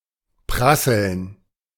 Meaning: 1. to clatter 2. to crackle 3. to rain down, hail down
- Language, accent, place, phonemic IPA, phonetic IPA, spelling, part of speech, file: German, Germany, Berlin, /ˈpʁasəln/, [ˈpʁasl̩n], prasseln, verb, De-prasseln.ogg